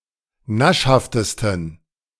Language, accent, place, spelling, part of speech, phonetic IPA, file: German, Germany, Berlin, naschhaftesten, adjective, [ˈnaʃhaftəstn̩], De-naschhaftesten.ogg
- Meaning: 1. superlative degree of naschhaft 2. inflection of naschhaft: strong genitive masculine/neuter singular superlative degree